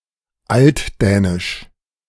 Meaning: Old Danish
- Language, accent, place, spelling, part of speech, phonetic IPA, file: German, Germany, Berlin, altdänisch, adjective, [ˈaltˌdɛːnɪʃ], De-altdänisch.ogg